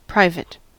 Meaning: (adjective) Belonging or pertaining to an individual person, group of people, or entity that is not the state
- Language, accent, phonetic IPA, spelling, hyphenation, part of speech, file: English, US, [ˈpʰɹaɪ̯vɪt], private, pri‧vate, adjective / noun / verb, En-us-private.ogg